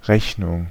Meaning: 1. bill, restaurant bill 2. a reckoning, calculation 3. invoice
- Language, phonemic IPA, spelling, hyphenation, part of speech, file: German, /ˈʁɛçnʊŋ(k)/, Rechnung, Rech‧nung, noun, De-Rechnung.ogg